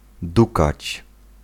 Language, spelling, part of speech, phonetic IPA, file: Polish, dukać, verb, [ˈdukat͡ɕ], Pl-dukać.ogg